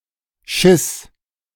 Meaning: first/third-person singular preterite of scheißen
- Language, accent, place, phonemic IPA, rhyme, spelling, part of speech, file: German, Germany, Berlin, /ʃɪs/, -ɪs, schiss, verb, De-schiss.ogg